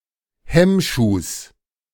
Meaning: genitive of Hemmschuh
- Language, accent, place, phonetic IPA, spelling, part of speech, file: German, Germany, Berlin, [ˈhɛmˌʃuːs], Hemmschuhs, noun, De-Hemmschuhs.ogg